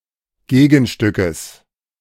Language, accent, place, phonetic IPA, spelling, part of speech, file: German, Germany, Berlin, [ˈɡeːɡn̩ˌʃtʏkəs], Gegenstückes, noun, De-Gegenstückes.ogg
- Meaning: genitive singular of Gegenstück